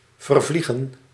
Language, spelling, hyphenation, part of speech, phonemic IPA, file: Dutch, vervliegen, ver‧vlie‧gen, verb, /vərˈvli.ɣə(n)/, Nl-vervliegen.ogg
- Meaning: 1. to evaporate, to dissipate, to volatilise 2. to evaporate, to disappear 3. to fly away, to go away 4. to flee, to escape